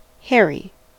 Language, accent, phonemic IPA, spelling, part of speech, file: English, US, /ˈhɛɹ.i/, hairy, adjective / noun, En-us-hairy.ogg
- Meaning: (adjective) 1. Having a lot of body hair 2. Having a lot of fur 3. Having hair growing from it 4. Long-haired 5. Seeming as if hair-covered or as if consisting of hair